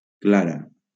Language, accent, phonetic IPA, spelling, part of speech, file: Catalan, Valencia, [ˈkla.ɾa], clara, noun / adjective, LL-Q7026 (cat)-clara.wav
- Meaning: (noun) white (the albumen of bird eggs); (adjective) feminine singular of clar